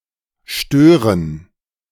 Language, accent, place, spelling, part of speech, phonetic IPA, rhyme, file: German, Germany, Berlin, Stören, noun, [ˈʃtøːʁən], -øːʁən, De-Stören.ogg
- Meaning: dative plural of Stör